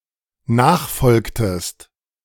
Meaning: inflection of nachfolgen: 1. second-person singular dependent preterite 2. second-person singular dependent subjunctive II
- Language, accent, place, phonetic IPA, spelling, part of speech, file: German, Germany, Berlin, [ˈnaːxˌfɔlktəst], nachfolgtest, verb, De-nachfolgtest.ogg